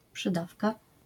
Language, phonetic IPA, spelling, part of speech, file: Polish, [pʃɨˈdafka], przydawka, noun, LL-Q809 (pol)-przydawka.wav